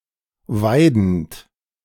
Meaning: present participle of weiden
- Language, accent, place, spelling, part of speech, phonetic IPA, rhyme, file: German, Germany, Berlin, weidend, verb, [ˈvaɪ̯dn̩t], -aɪ̯dn̩t, De-weidend.ogg